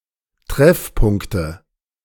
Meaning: nominative/accusative/genitive plural of Treffpunkt
- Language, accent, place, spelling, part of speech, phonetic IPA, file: German, Germany, Berlin, Treffpunkte, noun, [ˈtʁɛfˌpʊŋktə], De-Treffpunkte.ogg